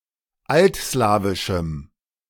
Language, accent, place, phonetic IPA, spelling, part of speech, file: German, Germany, Berlin, [ˈaltˌslaːvɪʃm̩], altslawischem, adjective, De-altslawischem.ogg
- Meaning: strong dative masculine/neuter singular of altslawisch